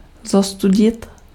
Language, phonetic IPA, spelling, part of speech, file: Czech, [ˈzostuɟɪt], zostudit, verb, Cs-zostudit.ogg
- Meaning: to dishonor